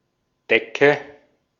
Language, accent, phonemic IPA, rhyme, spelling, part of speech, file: German, Austria, /ˈdɛkə/, -ɛkə, Decke, noun, De-at-Decke.ogg
- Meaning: 1. any cloth or cushion used as a covering; a tablecloth, blanket, quilt, duvet, etc 2. ceiling (surface at the upper limit of a room or cavity) 3. nominative/accusative/genitive plural of Deck